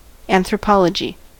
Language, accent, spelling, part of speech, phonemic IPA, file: English, US, anthropology, noun, /ˌænθɹəˈpɑləd͡ʒi/, En-us-anthropology.ogg
- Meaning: The scientific study of humans, systematically describing the ethnographic, linguistic, archaeological, and evolutionary dimensions of humanity using a holistic methodological framework